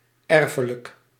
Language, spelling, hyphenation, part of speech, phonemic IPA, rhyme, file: Dutch, erfelijk, er‧fe‧lijk, adjective, /ˈɛr.fə.lək/, -ɛrfələk, Nl-erfelijk.ogg
- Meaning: hereditary